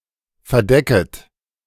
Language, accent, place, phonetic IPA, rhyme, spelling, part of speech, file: German, Germany, Berlin, [fɛɐ̯ˈdɛkət], -ɛkət, verdecket, verb, De-verdecket.ogg
- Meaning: second-person plural subjunctive I of verdecken